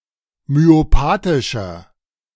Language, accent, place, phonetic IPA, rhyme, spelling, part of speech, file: German, Germany, Berlin, [myoˈpaːtɪʃɐ], -aːtɪʃɐ, myopathischer, adjective, De-myopathischer.ogg
- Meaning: inflection of myopathisch: 1. strong/mixed nominative masculine singular 2. strong genitive/dative feminine singular 3. strong genitive plural